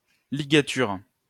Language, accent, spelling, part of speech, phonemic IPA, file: French, France, ligature, noun, /li.ɡa.tyʁ/, LL-Q150 (fra)-ligature.wav
- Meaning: 1. a tie; the action of tying 2. a binding, notably in horticulture 3. ligature; a character that combines multiple letters; logotype